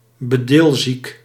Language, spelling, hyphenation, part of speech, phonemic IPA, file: Dutch, bedilziek, be‧dil‧ziek, adjective, /bəˈdɪlˌzik/, Nl-bedilziek.ogg
- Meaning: prone to patronising